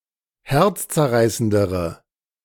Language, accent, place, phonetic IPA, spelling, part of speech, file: German, Germany, Berlin, [ˈhɛʁt͡st͡sɛɐ̯ˌʁaɪ̯səndəʁə], herzzerreißendere, adjective, De-herzzerreißendere.ogg
- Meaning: inflection of herzzerreißend: 1. strong/mixed nominative/accusative feminine singular comparative degree 2. strong nominative/accusative plural comparative degree